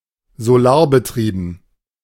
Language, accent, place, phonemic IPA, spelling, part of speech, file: German, Germany, Berlin, /zoˈlaːɐ̯bəˌtʁiːbn̩/, solarbetrieben, adjective, De-solarbetrieben.ogg
- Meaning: solar-powered